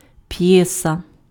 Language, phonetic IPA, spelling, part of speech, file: Ukrainian, [ˈpjɛsɐ], п'єса, noun, Uk-п'єса.ogg
- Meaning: 1. play (drama work) 2. a short music piece 3. a short literary piece, usually poetry